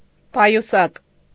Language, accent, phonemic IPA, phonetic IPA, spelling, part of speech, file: Armenian, Eastern Armenian, /pɑjuˈsɑk/, [pɑjusɑ́k], պայուսակ, noun, Hy-պայուսակ.ogg
- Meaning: bag